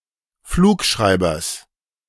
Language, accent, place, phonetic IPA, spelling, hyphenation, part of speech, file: German, Germany, Berlin, [ˈfluːkˌʃʀaɪ̯bɐs], Flugschreibers, Flug‧schrei‧bers, noun, De-Flugschreibers.ogg
- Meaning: genitive singular of Flugschreiber